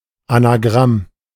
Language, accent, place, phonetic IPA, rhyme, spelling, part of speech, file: German, Germany, Berlin, [anaˈɡʁam], -am, Anagramm, noun, De-Anagramm.ogg
- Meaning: anagram